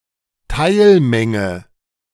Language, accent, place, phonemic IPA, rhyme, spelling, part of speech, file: German, Germany, Berlin, /ˈtaɪlˌmɛŋə/, -ɛŋə, Teilmenge, noun, De-Teilmenge.ogg
- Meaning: subset (mathematics: of a set)